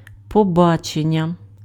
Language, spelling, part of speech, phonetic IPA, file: Ukrainian, побачення, noun, [pɔˈbat͡ʃenʲːɐ], Uk-побачення.ogg
- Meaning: 1. appointment (meeting by arrangement) 2. date (romantic meeting by arrangement) 3. visit (meeting with a prisoner, patient etc.)